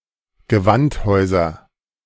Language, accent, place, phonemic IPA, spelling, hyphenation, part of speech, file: German, Germany, Berlin, /ɡəˈvantˌhɔɪ̯zɐ/, Gewandhäuser, Ge‧wand‧häu‧ser, noun, De-Gewandhäuser.ogg
- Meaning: nominative/accusative/genitive plural of Gewandhaus